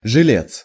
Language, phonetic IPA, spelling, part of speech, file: Russian, [ʐɨˈlʲet͡s], жилец, noun, Ru-жилец.ogg
- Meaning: lodger, tenant, roomer; inmate